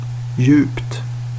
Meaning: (adjective) indefinite neuter singular of djup; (adverb) 1. deeply 2. profoundly 3. fast (of sleeping: deeply or soundly)
- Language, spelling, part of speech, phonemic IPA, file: Swedish, djupt, adjective / adverb, /jʉːpt/, Sv-djupt.ogg